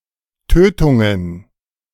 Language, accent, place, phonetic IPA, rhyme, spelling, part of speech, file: German, Germany, Berlin, [ˈtøːtʊŋən], -øːtʊŋən, Tötungen, noun, De-Tötungen.ogg
- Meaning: plural of Tötung